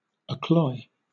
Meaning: 1. To drive a nail into a horseshoe; to lame 2. To overfill; to fill to satiety; to stuff full 3. To clog, clog up; to block 4. To be disgusting to
- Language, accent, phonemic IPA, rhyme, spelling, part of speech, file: English, Southern England, /əˈklɔɪ/, -ɔɪ, accloy, verb, LL-Q1860 (eng)-accloy.wav